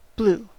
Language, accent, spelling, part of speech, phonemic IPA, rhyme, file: English, US, blew, verb / noun / adjective, /blu/, -uː, En-us-blew.ogg
- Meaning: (verb) 1. simple past of blow 2. past participle of blow; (noun) Obsolete form of blue